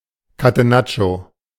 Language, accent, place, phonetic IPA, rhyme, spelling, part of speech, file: German, Germany, Berlin, [ˌkateˈnat͡ʃo], -at͡ʃo, Catenaccio, noun, De-Catenaccio.ogg
- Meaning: catenaccio